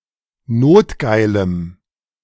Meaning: strong dative masculine/neuter singular of notgeil
- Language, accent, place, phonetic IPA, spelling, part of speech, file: German, Germany, Berlin, [ˈnoːtˌɡaɪ̯ləm], notgeilem, adjective, De-notgeilem.ogg